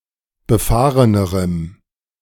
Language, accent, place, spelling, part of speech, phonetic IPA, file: German, Germany, Berlin, befahrenerem, adjective, [bəˈfaːʁənəʁəm], De-befahrenerem.ogg
- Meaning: strong dative masculine/neuter singular comparative degree of befahren